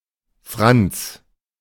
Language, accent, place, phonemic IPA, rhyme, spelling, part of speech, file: German, Germany, Berlin, /fʁant͡s/, -ants, Franz, proper noun, De-Franz.ogg
- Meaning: a male given name from Latin, equivalent to English Francis